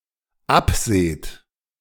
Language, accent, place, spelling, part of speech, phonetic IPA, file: German, Germany, Berlin, abseht, verb, [ˈapˌz̥eːt], De-abseht.ogg
- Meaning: second-person plural dependent present of absehen